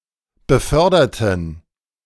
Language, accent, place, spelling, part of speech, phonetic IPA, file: German, Germany, Berlin, beförderten, adjective / verb, [bəˈfœʁdɐtn̩], De-beförderten.ogg
- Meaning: inflection of befördern: 1. first/third-person plural preterite 2. first/third-person plural subjunctive II